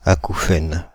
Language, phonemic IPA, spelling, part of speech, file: French, /a.ku.fɛn/, acouphène, noun, Fr-acouphène.ogg
- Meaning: tinnitus (perception of nonexistent noise)